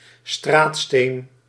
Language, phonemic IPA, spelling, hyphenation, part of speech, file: Dutch, /ˈstraːt.steːn/, straatsteen, straat‧steen, noun, Nl-straatsteen.ogg
- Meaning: paving stone